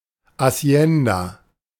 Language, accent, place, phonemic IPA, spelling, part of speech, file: German, Germany, Berlin, /(h)aˈsjɛn.da/, Hacienda, noun, De-Hacienda.ogg
- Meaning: hacienda (ranch)